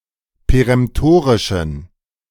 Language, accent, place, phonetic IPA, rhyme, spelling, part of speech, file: German, Germany, Berlin, [peʁɛmˈtoːʁɪʃn̩], -oːʁɪʃn̩, peremtorischen, adjective, De-peremtorischen.ogg
- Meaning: inflection of peremtorisch: 1. strong genitive masculine/neuter singular 2. weak/mixed genitive/dative all-gender singular 3. strong/weak/mixed accusative masculine singular 4. strong dative plural